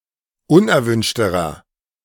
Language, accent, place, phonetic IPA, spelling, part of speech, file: German, Germany, Berlin, [ˈʊnʔɛɐ̯ˌvʏnʃtəʁɐ], unerwünschterer, adjective, De-unerwünschterer.ogg
- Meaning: inflection of unerwünscht: 1. strong/mixed nominative masculine singular comparative degree 2. strong genitive/dative feminine singular comparative degree 3. strong genitive plural comparative degree